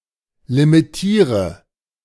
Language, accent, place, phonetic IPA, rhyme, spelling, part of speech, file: German, Germany, Berlin, [limiˈtiːʁə], -iːʁə, limitiere, verb, De-limitiere.ogg
- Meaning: inflection of limitieren: 1. first-person singular present 2. first/third-person singular subjunctive I 3. singular imperative